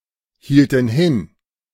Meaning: inflection of hinhalten: 1. first/third-person plural preterite 2. first/third-person plural subjunctive II
- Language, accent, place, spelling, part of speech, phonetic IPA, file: German, Germany, Berlin, hielten hin, verb, [ˌhiːltn̩ ˈhɪn], De-hielten hin.ogg